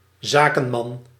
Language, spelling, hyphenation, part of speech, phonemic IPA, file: Dutch, zakenman, za‧ken‧man, noun, /ˈzaːkə(n)ˌmɑn/, Nl-zakenman.ogg
- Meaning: a businessman, a man in business, one involved in commercial enterprise